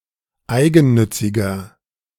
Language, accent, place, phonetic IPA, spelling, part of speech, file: German, Germany, Berlin, [ˈaɪ̯ɡn̩ˌnʏt͡sɪɡɐ], eigennütziger, adjective, De-eigennütziger.ogg
- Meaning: 1. comparative degree of eigennützig 2. inflection of eigennützig: strong/mixed nominative masculine singular 3. inflection of eigennützig: strong genitive/dative feminine singular